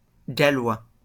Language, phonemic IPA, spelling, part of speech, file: French, /ɡa.lwa/, Gallois, noun, LL-Q150 (fra)-Gallois.wav
- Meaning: Welshman